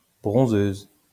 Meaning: female equivalent of bronzeur
- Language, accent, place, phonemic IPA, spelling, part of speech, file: French, France, Lyon, /bʁɔ̃.zøz/, bronzeuse, noun, LL-Q150 (fra)-bronzeuse.wav